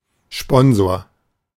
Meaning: sponsor (male or of unspecified gender)
- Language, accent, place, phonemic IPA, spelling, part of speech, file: German, Germany, Berlin, /ˈʃpɔnzoːɐ̯/, Sponsor, noun, De-Sponsor.ogg